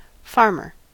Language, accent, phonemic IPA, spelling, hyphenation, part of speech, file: English, US, /ˈfɑɹ.mɚ/, farmer, farm‧er, noun, En-us-farmer.ogg
- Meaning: Someone or something that farms, as: A person who works the land and/or who keeps livestock; anyone engaged in agriculture on a farm